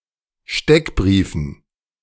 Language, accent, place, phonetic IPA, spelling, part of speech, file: German, Germany, Berlin, [ˈʃtɛkˌbʁiːfn̩], Steckbriefen, noun, De-Steckbriefen.ogg
- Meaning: dative plural of Steckbrief